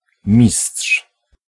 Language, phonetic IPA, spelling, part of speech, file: Polish, [mʲisṭʃ], mistrz, noun, Pl-mistrz.ogg